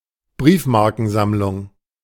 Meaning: 1. stamp collection, collection of postage stamps 2. euphemistic code for a sexual encounter
- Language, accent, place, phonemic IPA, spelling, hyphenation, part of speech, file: German, Germany, Berlin, /ˈbʁiːfmaʁkənˌzamlʊŋ/, Briefmarkensammlung, Brief‧mar‧ken‧samm‧lung, noun, De-Briefmarkensammlung.ogg